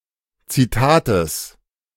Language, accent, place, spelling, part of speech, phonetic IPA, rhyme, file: German, Germany, Berlin, Zitates, noun, [t͡siˈtaːtəs], -aːtəs, De-Zitates.ogg
- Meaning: genitive singular of Zitat